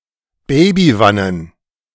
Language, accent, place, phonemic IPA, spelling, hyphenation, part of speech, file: German, Germany, Berlin, /ˈbɛɪ̯biˌvanən/, Babywannen, Ba‧by‧wan‧nen, noun, De-Babywannen.ogg
- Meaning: plural of Babywanne